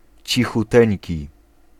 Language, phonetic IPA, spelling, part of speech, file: Polish, [ˌt͡ɕixuˈtɛ̃ɲci], cichuteńki, adjective, Pl-cichuteńki.ogg